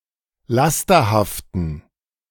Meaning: inflection of lasterhaft: 1. strong genitive masculine/neuter singular 2. weak/mixed genitive/dative all-gender singular 3. strong/weak/mixed accusative masculine singular 4. strong dative plural
- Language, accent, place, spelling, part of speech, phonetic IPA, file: German, Germany, Berlin, lasterhaften, adjective, [ˈlastɐhaftn̩], De-lasterhaften.ogg